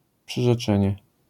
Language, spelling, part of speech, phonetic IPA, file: Polish, przyrzeczenie, noun, [ˌpʃɨʒɛˈt͡ʃɛ̃ɲɛ], LL-Q809 (pol)-przyrzeczenie.wav